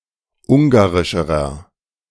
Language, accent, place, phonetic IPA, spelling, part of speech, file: German, Germany, Berlin, [ˈʊŋɡaʁɪʃəʁɐ], ungarischerer, adjective, De-ungarischerer.ogg
- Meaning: inflection of ungarisch: 1. strong/mixed nominative masculine singular comparative degree 2. strong genitive/dative feminine singular comparative degree 3. strong genitive plural comparative degree